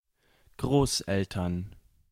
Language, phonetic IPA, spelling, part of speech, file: German, [ˈɡʁoːsˌʔɛltɐn], Großeltern, noun, De-Großeltern.ogg
- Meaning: grandparents